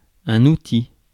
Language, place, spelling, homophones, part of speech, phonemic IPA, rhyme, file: French, Paris, outil, Houthi, noun, /u.ti/, -i, Fr-outil.ogg
- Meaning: tool (something designed to aid in a task)